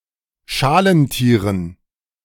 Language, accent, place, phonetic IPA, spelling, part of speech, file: German, Germany, Berlin, [ˈʃaːlənˌtiːʁən], Schalentieren, noun, De-Schalentieren.ogg
- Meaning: dative plural of Schalentier